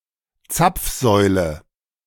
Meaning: gas pump
- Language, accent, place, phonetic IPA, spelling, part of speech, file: German, Germany, Berlin, [ˈt͡sap͡fˌzɔɪ̯lə], Zapfsäule, noun, De-Zapfsäule.ogg